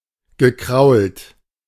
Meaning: past participle of kraulen
- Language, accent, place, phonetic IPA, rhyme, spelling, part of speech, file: German, Germany, Berlin, [ɡəˈkʁaʊ̯lt], -aʊ̯lt, gekrault, verb, De-gekrault.ogg